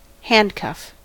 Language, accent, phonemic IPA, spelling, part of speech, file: English, US, /ˈhændˌkʌf/, handcuff, noun / verb, En-us-handcuff.ogg
- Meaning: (noun) One ring of a locking fetter for the hand or one pair; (verb) 1. To apply handcuffs to someone 2. to restrain or restrict